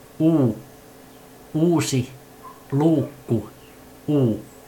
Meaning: The twenty-first letter of the Finnish alphabet, called uu and written in the Latin script
- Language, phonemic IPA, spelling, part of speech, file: Finnish, /u/, u, character, Fi-u.ogg